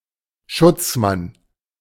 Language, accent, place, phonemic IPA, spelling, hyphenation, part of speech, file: German, Germany, Berlin, /ˈʃʊt͡sˌman/, Schutzmann, Schutz‧mann, noun, De-Schutzmann.ogg
- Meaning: a man who protects, outdated for policeman